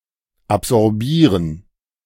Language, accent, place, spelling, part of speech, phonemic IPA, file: German, Germany, Berlin, absorbieren, verb, /ˌabzɔʁˈbiːrən/, De-absorbieren.ogg
- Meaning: to absorb, to soak up